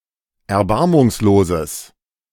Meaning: strong/mixed nominative/accusative neuter singular of erbarmungslos
- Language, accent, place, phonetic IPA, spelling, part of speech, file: German, Germany, Berlin, [ɛɐ̯ˈbaʁmʊŋsloːzəs], erbarmungsloses, adjective, De-erbarmungsloses.ogg